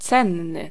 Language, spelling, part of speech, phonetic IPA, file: Polish, cenny, adjective, [ˈt͡sɛ̃nːɨ], Pl-cenny.ogg